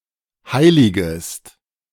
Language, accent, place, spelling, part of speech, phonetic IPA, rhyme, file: German, Germany, Berlin, heiligest, verb, [ˈhaɪ̯lɪɡəst], -aɪ̯lɪɡəst, De-heiligest.ogg
- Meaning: second-person singular subjunctive I of heiligen